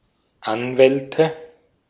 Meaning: nominative/accusative/genitive plural of Anwalt
- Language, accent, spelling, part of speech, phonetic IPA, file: German, Austria, Anwälte, noun, [ˈanˌvɛltə], De-at-Anwälte.ogg